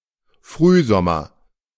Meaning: early summer
- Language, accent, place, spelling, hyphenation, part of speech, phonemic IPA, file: German, Germany, Berlin, Frühsommer, Früh‧som‧mer, noun, /ˈfʁyːˌzɔmɐ/, De-Frühsommer.ogg